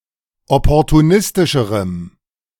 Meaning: strong dative masculine/neuter singular comparative degree of opportunistisch
- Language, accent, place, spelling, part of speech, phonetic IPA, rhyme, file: German, Germany, Berlin, opportunistischerem, adjective, [ˌɔpɔʁtuˈnɪstɪʃəʁəm], -ɪstɪʃəʁəm, De-opportunistischerem.ogg